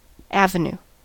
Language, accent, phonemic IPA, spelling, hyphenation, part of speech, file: English, US, /ˈæv.əˌn(j)u/, avenue, av‧e‧nue, noun, En-us-avenue.ogg
- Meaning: A broad street, especially one bordered by trees or, in cities laid out in a grid pattern, one that is on a particular side of the city or that runs in a particular direction